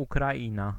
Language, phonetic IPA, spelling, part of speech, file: Polish, [ˌukraˈʲĩna], Ukraina, proper noun, Pl-Ukraina.ogg